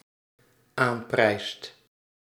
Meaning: second/third-person singular dependent-clause present indicative of aanprijzen
- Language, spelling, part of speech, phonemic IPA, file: Dutch, aanprijst, verb, /ˈamprɛist/, Nl-aanprijst.ogg